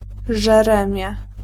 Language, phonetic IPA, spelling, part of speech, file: Polish, [ʒɛˈrɛ̃mʲjɛ], żeremie, noun, Pl-żeremie.ogg